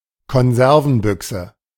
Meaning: tin (airtight container)
- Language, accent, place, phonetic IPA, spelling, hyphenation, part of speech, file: German, Germany, Berlin, [kɔnˈzɛʁvn̩ˌbʏksə], Konservenbüchse, Kon‧ser‧ven‧büch‧se, noun, De-Konservenbüchse.ogg